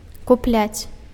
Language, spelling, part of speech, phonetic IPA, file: Belarusian, купляць, verb, [kuˈplʲat͡sʲ], Be-купляць.ogg
- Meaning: to buy, to purchase